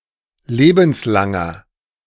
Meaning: inflection of lebenslang: 1. strong/mixed nominative masculine singular 2. strong genitive/dative feminine singular 3. strong genitive plural
- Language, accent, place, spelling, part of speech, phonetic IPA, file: German, Germany, Berlin, lebenslanger, adjective, [ˈleːbn̩sˌlaŋɐ], De-lebenslanger.ogg